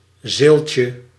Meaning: diminutive of zeelt
- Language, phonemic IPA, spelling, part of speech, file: Dutch, /ˈzelcə/, zeeltje, noun, Nl-zeeltje.ogg